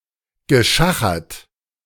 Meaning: past participle of schachern
- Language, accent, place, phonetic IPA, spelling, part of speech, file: German, Germany, Berlin, [ɡəˈʃaxɐt], geschachert, verb, De-geschachert.ogg